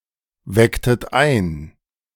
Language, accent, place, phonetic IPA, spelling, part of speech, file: German, Germany, Berlin, [ˌvɛktət ˈaɪ̯n], wecktet ein, verb, De-wecktet ein.ogg
- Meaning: inflection of einwecken: 1. second-person plural preterite 2. second-person plural subjunctive II